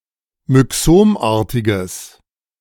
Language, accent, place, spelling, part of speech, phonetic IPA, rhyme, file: German, Germany, Berlin, myxomartiges, adjective, [mʏˈksoːmˌʔaːɐ̯tɪɡəs], -oːmʔaːɐ̯tɪɡəs, De-myxomartiges.ogg
- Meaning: strong/mixed nominative/accusative neuter singular of myxomartig